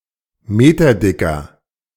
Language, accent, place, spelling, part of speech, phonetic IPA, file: German, Germany, Berlin, meterdicker, adjective, [ˈmeːtɐˌdɪkɐ], De-meterdicker.ogg
- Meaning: inflection of meterdick: 1. strong/mixed nominative masculine singular 2. strong genitive/dative feminine singular 3. strong genitive plural